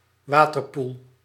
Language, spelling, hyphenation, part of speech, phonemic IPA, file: Dutch, waterpoel, wa‧ter‧poel, noun, /ˈʋaː.tərˌpul/, Nl-waterpoel.ogg
- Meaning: waterhole (place with water where (wild) animals come to drink)